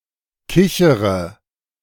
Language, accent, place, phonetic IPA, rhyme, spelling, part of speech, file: German, Germany, Berlin, [ˈkɪçəʁə], -ɪçəʁə, kichere, verb, De-kichere.ogg
- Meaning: inflection of kichern: 1. first-person singular present 2. first/third-person singular subjunctive I 3. singular imperative